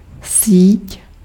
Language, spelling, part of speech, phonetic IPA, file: Czech, síť, noun, [ˈsiːc], Cs-síť.ogg
- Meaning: 1. net 2. network